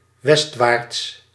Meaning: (adverb) westwards; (adjective) westward, westerly
- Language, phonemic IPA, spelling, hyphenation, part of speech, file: Dutch, /ˈʋɛst.ʋaːrts/, westwaarts, west‧waarts, adverb / adjective, Nl-westwaarts.ogg